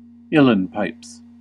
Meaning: The bagpipes of Ireland, which have a bellows strapped around the wrist and arm to inflate the bag rather than the player blowing to do so
- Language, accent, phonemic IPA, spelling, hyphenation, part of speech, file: English, US, /ˈɪl.ən ˌpaɪps/, uilleann pipes, uil‧leann pipes, noun, En-us-uilleann pipes.ogg